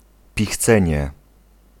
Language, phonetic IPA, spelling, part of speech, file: Polish, [pʲixˈt͡sɛ̃ɲɛ], pichcenie, noun, Pl-pichcenie.ogg